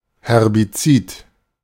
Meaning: herbicide
- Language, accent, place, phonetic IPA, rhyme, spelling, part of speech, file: German, Germany, Berlin, [hɛʁbiˈt͡siːt], -iːt, Herbizid, noun, De-Herbizid.ogg